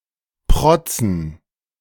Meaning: 1. genitive singular of Protz 2. plural of Protz
- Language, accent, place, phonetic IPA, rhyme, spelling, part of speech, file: German, Germany, Berlin, [ˈpʁɔt͡sn̩], -ɔt͡sn̩, Protzen, noun, De-Protzen.ogg